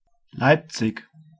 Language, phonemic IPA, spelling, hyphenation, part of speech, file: German, /ˈlaɪpt͡sɪk/, Leipzig, Leip‧zig, proper noun, De-Leipzig.ogg
- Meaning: 1. Leipzig (a city in Saxony, Germany) 2. a rural district of Saxony; seat: Borna 3. a hamlet in the Rural Municipality of Reford No. 379, Saskatchewan, Canada